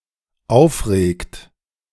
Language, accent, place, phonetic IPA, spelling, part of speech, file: German, Germany, Berlin, [ˈaʊ̯fˌʁeːkt], aufregt, verb, De-aufregt.ogg
- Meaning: inflection of aufregen: 1. third-person singular dependent present 2. second-person plural dependent present